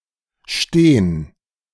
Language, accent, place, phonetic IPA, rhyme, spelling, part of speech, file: German, Germany, Berlin, [ʃteːn], -eːn, stehn, verb, De-stehn.ogg
- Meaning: alternative form of stehen